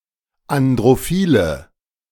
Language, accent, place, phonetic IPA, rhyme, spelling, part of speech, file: German, Germany, Berlin, [andʁoˈfiːlə], -iːlə, androphile, adjective, De-androphile.ogg
- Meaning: inflection of androphil: 1. strong/mixed nominative/accusative feminine singular 2. strong nominative/accusative plural 3. weak nominative all-gender singular